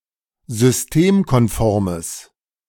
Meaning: strong/mixed nominative/accusative neuter singular of systemkonform
- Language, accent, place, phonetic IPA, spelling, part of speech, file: German, Germany, Berlin, [zʏsˈteːmkɔnˌfɔʁməs], systemkonformes, adjective, De-systemkonformes.ogg